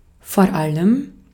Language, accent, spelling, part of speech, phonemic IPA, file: German, Austria, vor allem, adverb, /foːɐ̯ ˈaləm/, De-at-vor allem.ogg
- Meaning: 1. above all (of prime importance), especially, particularly 2. used to highlight a point that is considered particularly baffling or galling by the speaker; and the thing is, the kicker is